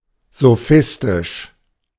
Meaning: sophist
- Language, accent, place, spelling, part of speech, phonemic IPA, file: German, Germany, Berlin, sophistisch, adjective, /zoˈfɪstɪʃ/, De-sophistisch.ogg